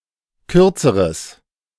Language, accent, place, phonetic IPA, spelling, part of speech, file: German, Germany, Berlin, [ˈkʏʁt͡səʁəs], kürzeres, adjective, De-kürzeres.ogg
- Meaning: strong/mixed nominative/accusative neuter singular comparative degree of kurz